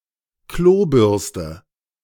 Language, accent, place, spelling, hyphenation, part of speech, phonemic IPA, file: German, Germany, Berlin, Klobürste, Klo‧bürs‧te, noun, /ˈkloːˌbʏʁstə/, De-Klobürste.ogg
- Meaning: toilet brush